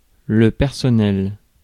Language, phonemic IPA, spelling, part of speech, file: French, /pɛʁ.sɔ.nɛl/, personnel, adjective / noun, Fr-personnel.ogg
- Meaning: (adjective) personal; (noun) staff, members of staff, personnel